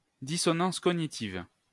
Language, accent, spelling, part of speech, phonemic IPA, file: French, France, dissonance cognitive, noun, /di.sɔ.nɑ̃s kɔ.ɲi.tiv/, LL-Q150 (fra)-dissonance cognitive.wav
- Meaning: cognitive dissonance